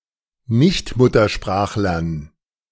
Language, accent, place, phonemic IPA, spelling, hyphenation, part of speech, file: German, Germany, Berlin, /ˈnɪçtˌmʊtɐʃpʁaːxlɐn/, Nichtmuttersprachlern, Nicht‧mut‧ter‧sprach‧lern, noun, De-Nichtmuttersprachlern.ogg
- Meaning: dative plural of Nichtmuttersprachler